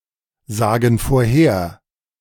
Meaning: inflection of vorhersagen: 1. first/third-person plural present 2. first/third-person plural subjunctive I
- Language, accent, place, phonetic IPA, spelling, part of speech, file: German, Germany, Berlin, [ˌzaːɡn̩ foːɐ̯ˈheːɐ̯], sagen vorher, verb, De-sagen vorher.ogg